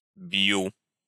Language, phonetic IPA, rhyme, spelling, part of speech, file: Russian, [b⁽ʲ⁾ju], -u, бью, verb, Ru-бью.ogg
- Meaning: first-person singular present indicative imperfective of бить (bitʹ)